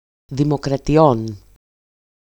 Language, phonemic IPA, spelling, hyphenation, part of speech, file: Greek, /ðimokratiˈon/, δημοκρατιών, δη‧μο‧κρα‧τι‧ών, noun, EL-δημοκρατιών.ogg
- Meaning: genitive plural of δημοκρατία (dimokratía)